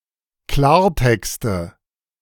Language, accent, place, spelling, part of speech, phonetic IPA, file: German, Germany, Berlin, Klartexte, noun, [ˈklaːɐ̯ˌtɛkstə], De-Klartexte.ogg
- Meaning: 1. nominative/accusative/genitive plural of Klartext 2. dative of Klartext